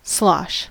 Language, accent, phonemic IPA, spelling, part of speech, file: English, US, /slɑʃ/, slosh, verb / noun, En-us-slosh.ogg
- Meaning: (verb) 1. To shift chaotically; to splash noisily 2. To cause to slosh 3. To make a sloshing sound 4. To pour noisily, sloppily or in large amounts 5. to move noisily through water or other liquid